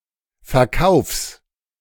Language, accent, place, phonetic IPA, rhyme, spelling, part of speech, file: German, Germany, Berlin, [fɛɐ̯ˈkaʊ̯fs], -aʊ̯fs, Verkaufs, noun, De-Verkaufs.ogg
- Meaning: genitive singular of Verkauf